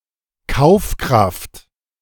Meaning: 1. purchasing power 2. spending power
- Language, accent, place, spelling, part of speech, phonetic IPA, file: German, Germany, Berlin, Kaufkraft, noun, [ˈkaʊ̯fˌkʁaft], De-Kaufkraft.ogg